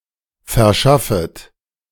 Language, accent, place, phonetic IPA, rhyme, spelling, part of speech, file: German, Germany, Berlin, [fɛɐ̯ˈʃafət], -afət, verschaffet, verb, De-verschaffet.ogg
- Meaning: second-person plural subjunctive I of verschaffen